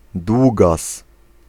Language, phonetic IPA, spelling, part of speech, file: Polish, [ˈdwuɡas], długas, noun, Pl-długas.ogg